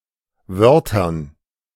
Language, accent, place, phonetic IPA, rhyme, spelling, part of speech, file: German, Germany, Berlin, [ˈvœʁtɐn], -œʁtɐn, Wörtern, noun, De-Wörtern.ogg
- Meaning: dative plural of Wort